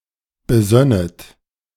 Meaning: second-person plural subjunctive II of besinnen
- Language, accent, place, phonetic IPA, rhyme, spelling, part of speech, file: German, Germany, Berlin, [bəˈzœnət], -œnət, besönnet, verb, De-besönnet.ogg